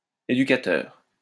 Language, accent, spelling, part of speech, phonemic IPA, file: French, France, éducateur, noun, /e.dy.ka.tœʁ/, LL-Q150 (fra)-éducateur.wav
- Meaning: 1. educator, teacher, instructor 2. educationalist